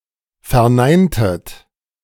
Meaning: inflection of verneinen: 1. second-person plural preterite 2. second-person plural subjunctive II
- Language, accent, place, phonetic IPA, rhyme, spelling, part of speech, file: German, Germany, Berlin, [fɛɐ̯ˈnaɪ̯ntət], -aɪ̯ntət, verneintet, verb, De-verneintet.ogg